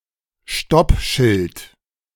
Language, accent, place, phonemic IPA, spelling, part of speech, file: German, Germany, Berlin, /ˈʃtɔpˌʃɪlt/, Stoppschild, noun, De-Stoppschild.ogg
- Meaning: stop sign